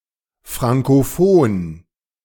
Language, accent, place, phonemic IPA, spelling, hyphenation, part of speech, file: German, Germany, Berlin, /ˌfʁaŋkoˈfoːn/, frankofon, fran‧ko‧fon, adjective, De-frankofon.ogg
- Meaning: alternative spelling of frankophon